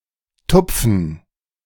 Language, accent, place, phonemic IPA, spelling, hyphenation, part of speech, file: German, Germany, Berlin, /ˈtʊpfən/, Tupfen, Tup‧fen, noun, De-Tupfen.ogg
- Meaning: 1. fleck (small spot), speck, spot 2. dative plural of Tupf